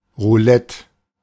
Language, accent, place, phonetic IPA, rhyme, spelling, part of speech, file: German, Germany, Berlin, [ʁuˈlɛt], -ɛt, Roulette, noun, De-Roulette.ogg
- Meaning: roulette